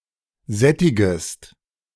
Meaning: second-person singular subjunctive I of sättigen
- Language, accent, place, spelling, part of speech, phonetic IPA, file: German, Germany, Berlin, sättigest, verb, [ˈzɛtɪɡəst], De-sättigest.ogg